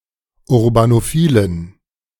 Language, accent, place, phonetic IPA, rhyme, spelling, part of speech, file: German, Germany, Berlin, [ʊʁbanoˈfiːlən], -iːlən, urbanophilen, adjective, De-urbanophilen.ogg
- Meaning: inflection of urbanophil: 1. strong genitive masculine/neuter singular 2. weak/mixed genitive/dative all-gender singular 3. strong/weak/mixed accusative masculine singular 4. strong dative plural